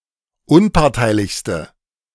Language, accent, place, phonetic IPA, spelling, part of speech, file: German, Germany, Berlin, [ˈʊnpaʁtaɪ̯lɪçstə], unparteilichste, adjective, De-unparteilichste.ogg
- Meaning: inflection of unparteilich: 1. strong/mixed nominative/accusative feminine singular superlative degree 2. strong nominative/accusative plural superlative degree